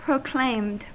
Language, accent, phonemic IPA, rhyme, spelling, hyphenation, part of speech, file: English, US, /pɹoʊˈkleɪmd/, -eɪmd, proclaimed, pro‧claimed, verb, En-us-proclaimed.ogg
- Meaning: simple past and past participle of proclaim